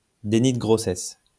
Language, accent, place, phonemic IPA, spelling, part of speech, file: French, France, Lyon, /de.ni də ɡʁo.sɛs/, déni de grossesse, noun, LL-Q150 (fra)-déni de grossesse.wav
- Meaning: denial of pregnancy